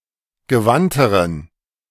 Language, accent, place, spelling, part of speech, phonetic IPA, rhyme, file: German, Germany, Berlin, gewandteren, adjective, [ɡəˈvantəʁən], -antəʁən, De-gewandteren.ogg
- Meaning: inflection of gewandt: 1. strong genitive masculine/neuter singular comparative degree 2. weak/mixed genitive/dative all-gender singular comparative degree